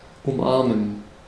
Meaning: to embrace, to hug
- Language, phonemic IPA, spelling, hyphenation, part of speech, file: German, /ʊmˈʔaʁmən/, umarmen, um‧ar‧men, verb, De-umarmen.ogg